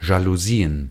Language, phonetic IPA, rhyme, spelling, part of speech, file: German, [ʒaluˈziːən], -iːən, Jalousien, noun, De-Jalousien.ogg
- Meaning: plural of Jalousie